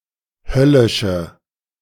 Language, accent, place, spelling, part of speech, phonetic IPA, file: German, Germany, Berlin, höllische, adjective, [ˈhœlɪʃə], De-höllische.ogg
- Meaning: inflection of höllisch: 1. strong/mixed nominative/accusative feminine singular 2. strong nominative/accusative plural 3. weak nominative all-gender singular